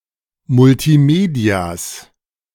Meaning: genitive singular of Multimedia
- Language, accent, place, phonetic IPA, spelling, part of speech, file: German, Germany, Berlin, [mʊltiˈmeːdi̯as], Multimedias, noun, De-Multimedias.ogg